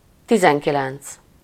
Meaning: nineteen
- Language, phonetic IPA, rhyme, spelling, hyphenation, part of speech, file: Hungarian, [ˈtizɛŋkilɛnt͡s], -ɛnt͡s, tizenkilenc, ti‧zen‧ki‧lenc, numeral, Hu-tizenkilenc.ogg